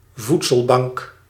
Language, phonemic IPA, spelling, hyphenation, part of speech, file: Dutch, /ˈvut.səlˌbɑŋk/, voedselbank, voed‧sel‧bank, noun, Nl-voedselbank.ogg
- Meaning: 1. food bank 2. a bank for providing food aid abroad